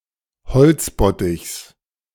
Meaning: inflection of beziffert: 1. strong genitive masculine/neuter singular 2. weak/mixed genitive/dative all-gender singular 3. strong/weak/mixed accusative masculine singular 4. strong dative plural
- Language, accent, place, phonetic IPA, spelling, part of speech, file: German, Germany, Berlin, [bəˈt͡sɪfɐtn̩], bezifferten, adjective / verb, De-bezifferten.ogg